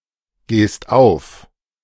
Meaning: second-person singular present of aufgehen
- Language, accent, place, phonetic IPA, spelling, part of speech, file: German, Germany, Berlin, [ˌɡeːst ˈaʊ̯f], gehst auf, verb, De-gehst auf.ogg